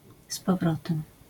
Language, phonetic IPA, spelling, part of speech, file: Polish, [s‿pɔˈvrɔtɛ̃m], z powrotem, adverbial phrase, LL-Q809 (pol)-z powrotem.wav